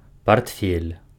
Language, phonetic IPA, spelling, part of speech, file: Belarusian, [partˈfʲelʲ], партфель, noun, Be-партфель.ogg
- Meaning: briefcase; portfolio